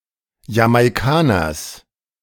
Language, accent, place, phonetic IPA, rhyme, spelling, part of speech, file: German, Germany, Berlin, [jamaɪ̯ˈkaːnɐs], -aːnɐs, Jamaikaners, noun, De-Jamaikaners.ogg
- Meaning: genitive singular of Jamaikaner